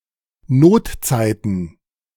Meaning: plural of Notzeit
- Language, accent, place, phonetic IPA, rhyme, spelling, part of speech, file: German, Germany, Berlin, [ˈnoːtˌt͡saɪ̯tn̩], -oːtt͡saɪ̯tn̩, Notzeiten, noun, De-Notzeiten.ogg